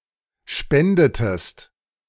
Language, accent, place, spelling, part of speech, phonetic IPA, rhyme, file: German, Germany, Berlin, spendetest, verb, [ˈʃpɛndətəst], -ɛndətəst, De-spendetest.ogg
- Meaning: inflection of spenden: 1. second-person singular preterite 2. second-person singular subjunctive II